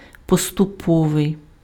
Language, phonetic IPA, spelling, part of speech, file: Ukrainian, [pɔstʊˈpɔʋei̯], поступовий, adjective, Uk-поступовий.ogg
- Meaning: gradual